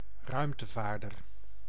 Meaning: a (male) astronaut
- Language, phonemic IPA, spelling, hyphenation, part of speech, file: Dutch, /ˈrœy̯m.təˌvaːr.dər/, ruimtevaarder, ruim‧te‧vaar‧der, noun, Nl-ruimtevaarder.ogg